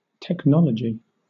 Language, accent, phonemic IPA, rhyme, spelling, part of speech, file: English, Southern England, /tɛkˈnɒl.ə.dʒi/, -ɒlədʒi, technology, noun, LL-Q1860 (eng)-technology.wav
- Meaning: 1. The combined application of science and art in practical ways in industry, as for example in designing new machines 2. Machines or equipment thus designed